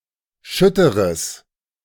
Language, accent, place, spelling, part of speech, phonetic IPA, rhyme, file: German, Germany, Berlin, schütteres, adjective, [ˈʃʏtəʁəs], -ʏtəʁəs, De-schütteres.ogg
- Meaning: strong/mixed nominative/accusative neuter singular of schütter